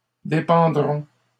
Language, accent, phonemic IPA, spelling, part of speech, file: French, Canada, /de.pɑ̃.dʁɔ̃/, dépendrons, verb, LL-Q150 (fra)-dépendrons.wav
- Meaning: first-person plural future of dépendre